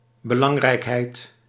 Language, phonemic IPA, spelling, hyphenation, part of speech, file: Dutch, /bəˈlɑŋ.rɛi̯kˌɦɛi̯t/, belangrijkheid, be‧lang‧rijk‧heid, noun, Nl-belangrijkheid.ogg
- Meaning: 1. importance, importantness 2. something important